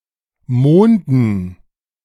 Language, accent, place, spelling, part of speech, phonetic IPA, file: German, Germany, Berlin, Monden, noun, [ˈmoːndn̩], De-Monden.ogg
- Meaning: 1. dative plural of Mond 2. inflection of Mond: genitive/dative/accusative singular 3. inflection of Mond: nominative/genitive/dative/accusative plural